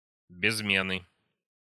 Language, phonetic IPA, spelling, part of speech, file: Russian, [bʲɪzˈmʲenɨ], безмены, noun, Ru-безмены.ogg
- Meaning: nominative/accusative plural of безме́н (bezmén)